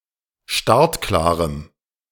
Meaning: strong dative masculine/neuter singular of startklar
- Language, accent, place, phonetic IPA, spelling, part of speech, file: German, Germany, Berlin, [ˈʃtaʁtˌklaːʁəm], startklarem, adjective, De-startklarem.ogg